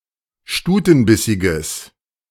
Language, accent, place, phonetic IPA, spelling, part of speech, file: German, Germany, Berlin, [ˈʃtuːtn̩ˌbɪsɪɡəs], stutenbissiges, adjective, De-stutenbissiges.ogg
- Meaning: strong/mixed nominative/accusative neuter singular of stutenbissig